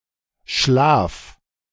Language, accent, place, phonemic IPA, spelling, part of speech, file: German, Germany, Berlin, /ʃlaːf/, schlaf, verb, De-schlaf.ogg
- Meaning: 1. singular imperative of schlafen 2. first-person singular present of schlafen